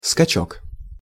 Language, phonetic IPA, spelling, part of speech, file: Russian, [skɐˈt͡ɕɵk], скачок, noun, Ru-скачок.ogg
- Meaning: jump, bound, leap; surge